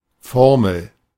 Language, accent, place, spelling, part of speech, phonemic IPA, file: German, Germany, Berlin, Formel, noun, /ˈfɔʁml̩/, De-Formel.ogg
- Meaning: formula (in mathematics or chemistry)